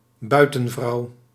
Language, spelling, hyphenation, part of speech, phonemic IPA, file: Dutch, buitenvrouw, bui‧ten‧vrouw, noun, /ˈbœy̯.tə(n)ˌvrɑu̯/, Nl-buitenvrouw.ogg
- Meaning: 1. a woman one is romantically involved with in addition to one's primary partner, usually in secret; a mistress; a kept woman 2. a woman from the countryside